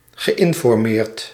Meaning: past participle of informeren
- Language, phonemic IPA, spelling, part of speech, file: Dutch, /ɣəˌʔɪɱfɔrˈmert/, geïnformeerd, verb, Nl-geïnformeerd.ogg